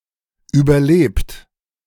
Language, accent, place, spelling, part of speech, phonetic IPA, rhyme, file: German, Germany, Berlin, überlebt, verb, [ˌyːbɐˈleːpt], -eːpt, De-überlebt.ogg
- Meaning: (verb) past participle of überleben; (adjective) outdated; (verb) inflection of überleben: 1. third-person singular present 2. second-person plural present 3. plural imperative